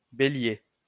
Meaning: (proper noun) 1. Aries (constellation) 2. Aries (star sign); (noun) Aries (someone with an Aries star sign)
- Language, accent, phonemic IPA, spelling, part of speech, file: French, France, /be.lje/, Bélier, proper noun / noun, LL-Q150 (fra)-Bélier.wav